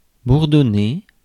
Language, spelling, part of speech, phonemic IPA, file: French, bourdonner, verb, /buʁ.dɔ.ne/, Fr-bourdonner.ogg
- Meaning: to buzz, drone